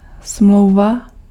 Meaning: 1. contract 2. treaty
- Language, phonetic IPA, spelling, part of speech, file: Czech, [ˈsm̩lou̯va], smlouva, noun, Cs-smlouva.ogg